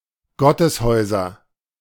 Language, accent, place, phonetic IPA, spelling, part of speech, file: German, Germany, Berlin, [ˈɡɔtəsˌhɔɪ̯zɐ], Gotteshäuser, noun, De-Gotteshäuser.ogg
- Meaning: nominative/accusative/genitive plural of Gotteshaus